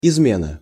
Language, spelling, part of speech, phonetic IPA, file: Russian, измена, noun, [ɪzˈmʲenə], Ru-измена.ogg
- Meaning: 1. betrayal, treason 2. adultery, unfaithfulness, faithlessness